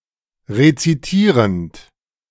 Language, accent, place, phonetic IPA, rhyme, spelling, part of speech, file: German, Germany, Berlin, [ʁet͡siˈtiːʁənt], -iːʁənt, rezitierend, verb, De-rezitierend.ogg
- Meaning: present participle of rezitieren